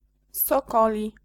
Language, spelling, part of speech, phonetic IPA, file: Polish, sokoli, adjective / noun, [sɔˈkɔlʲi], Pl-sokoli.ogg